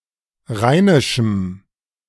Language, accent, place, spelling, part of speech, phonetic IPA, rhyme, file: German, Germany, Berlin, rheinischem, adjective, [ˈʁaɪ̯nɪʃm̩], -aɪ̯nɪʃm̩, De-rheinischem.ogg
- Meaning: strong dative masculine/neuter singular of rheinisch